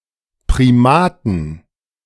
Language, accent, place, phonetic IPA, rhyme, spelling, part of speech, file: German, Germany, Berlin, [pʁiˈmaːtn̩], -aːtn̩, Primaten, noun, De-Primaten.ogg
- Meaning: 1. plural of Primat 2. genitive singular of Primat